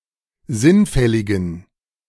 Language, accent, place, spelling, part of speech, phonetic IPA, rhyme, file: German, Germany, Berlin, sinnfälligen, adjective, [ˈzɪnˌfɛlɪɡn̩], -ɪnfɛlɪɡn̩, De-sinnfälligen.ogg
- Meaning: inflection of sinnfällig: 1. strong genitive masculine/neuter singular 2. weak/mixed genitive/dative all-gender singular 3. strong/weak/mixed accusative masculine singular 4. strong dative plural